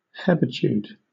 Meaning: Mental lethargy or dullness
- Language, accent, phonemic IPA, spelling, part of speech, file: English, Southern England, /ˈhɛb.ə.tjuːd/, hebetude, noun, LL-Q1860 (eng)-hebetude.wav